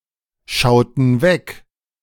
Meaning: inflection of wegschauen: 1. first/third-person plural preterite 2. first/third-person plural subjunctive II
- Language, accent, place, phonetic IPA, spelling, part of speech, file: German, Germany, Berlin, [ˌʃaʊ̯tn̩ ˈvɛk], schauten weg, verb, De-schauten weg.ogg